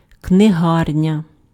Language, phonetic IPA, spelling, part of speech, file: Ukrainian, [kneˈɦarnʲɐ], книгарня, noun, Uk-книгарня.ogg
- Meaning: bookshop, bookstore